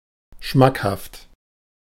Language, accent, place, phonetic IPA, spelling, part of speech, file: German, Germany, Berlin, [ˈʃmakhaft], schmackhaft, adjective, De-schmackhaft.ogg
- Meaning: tasty, delicious